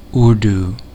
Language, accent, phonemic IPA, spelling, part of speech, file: English, US, /ˈʊəɹduː/, Urdu, proper noun / adjective, En-us-Urdu.ogg
- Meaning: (proper noun) Modern Standard Urdu, an Indo-Aryan language with native speakers mainly in Pakistan and North India. It is a standardized and Persianized version of Hindustani